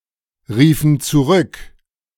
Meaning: inflection of zurückrufen: 1. first/third-person plural preterite 2. first/third-person plural subjunctive II
- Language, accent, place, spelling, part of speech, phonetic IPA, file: German, Germany, Berlin, riefen zurück, verb, [ˌʁiːfn̩ t͡suˈʁʏk], De-riefen zurück.ogg